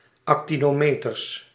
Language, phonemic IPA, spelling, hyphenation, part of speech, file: Dutch, /ɑkˈti.noːˌmeː.tər/, actinometer, ac‧ti‧no‧me‧ter, noun, Nl-actinometer.ogg
- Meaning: actinometer